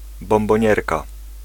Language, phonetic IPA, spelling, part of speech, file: Polish, [ˌbɔ̃mbɔ̃ˈɲɛrka], bombonierka, noun, Pl-bombonierka.ogg